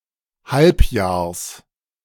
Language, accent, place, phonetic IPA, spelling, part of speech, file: German, Germany, Berlin, [ˈhalpˌjaːɐ̯s], Halbjahrs, noun, De-Halbjahrs.ogg
- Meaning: genitive singular of Halbjahr